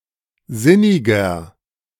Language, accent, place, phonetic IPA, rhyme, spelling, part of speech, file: German, Germany, Berlin, [ˈzɪnɪɡɐ], -ɪnɪɡɐ, sinniger, adjective, De-sinniger.ogg
- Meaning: 1. comparative degree of sinnig 2. inflection of sinnig: strong/mixed nominative masculine singular 3. inflection of sinnig: strong genitive/dative feminine singular